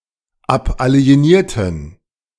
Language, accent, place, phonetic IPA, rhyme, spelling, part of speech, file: German, Germany, Berlin, [ˌapʔali̯eˈniːɐ̯tn̩], -iːɐ̯tn̩, abalienierten, verb, De-abalienierten.ogg
- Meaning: inflection of abalienieren: 1. first/third-person plural preterite 2. first/third-person plural subjunctive II